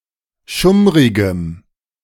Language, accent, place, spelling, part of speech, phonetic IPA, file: German, Germany, Berlin, schummrigem, adjective, [ˈʃʊmʁɪɡəm], De-schummrigem.ogg
- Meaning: strong dative masculine/neuter singular of schummrig